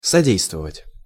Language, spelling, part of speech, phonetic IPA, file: Russian, содействовать, verb, [sɐˈdʲejstvəvətʲ], Ru-содействовать.ogg
- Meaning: 1. to abet (to support, uphold, or aid) 2. to assist, to promote, to facilitate